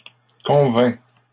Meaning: inflection of convaincre: 1. first/second-person singular present indicative 2. second-person singular imperative
- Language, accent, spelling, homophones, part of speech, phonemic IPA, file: French, Canada, convaincs, convainc, verb, /kɔ̃.vɛ̃/, LL-Q150 (fra)-convaincs.wav